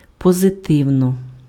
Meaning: positively
- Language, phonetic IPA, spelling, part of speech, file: Ukrainian, [pɔzeˈtɪu̯nɔ], позитивно, adverb, Uk-позитивно.ogg